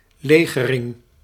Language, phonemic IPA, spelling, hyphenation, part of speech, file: Dutch, /ˈleːɣərɪŋ/, legering, le‧ge‧ring, noun, Nl-legering2.ogg
- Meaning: encampment, camping, establishment of a (military) base